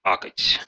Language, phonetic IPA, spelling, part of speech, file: Russian, [ˈakətʲ], акать, verb, Ru-а́кать.ogg
- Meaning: to pronounce an unstressed о like an а (as seen in Central and Southern Russia, considered standard)